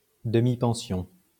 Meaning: half board; hotel accommodation with bed, breakfast, and one main meal per day
- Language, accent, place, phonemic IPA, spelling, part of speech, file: French, France, Lyon, /də.mi.pɑ̃.sjɔ̃/, demi-pension, noun, LL-Q150 (fra)-demi-pension.wav